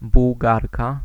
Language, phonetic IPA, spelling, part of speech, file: Polish, [buwˈɡarka], Bułgarka, noun, Pl-Bułgarka.ogg